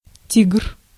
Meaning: tiger
- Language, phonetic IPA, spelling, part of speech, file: Russian, [ˈtʲiɡ(ə)r], тигр, noun, Ru-тигр.ogg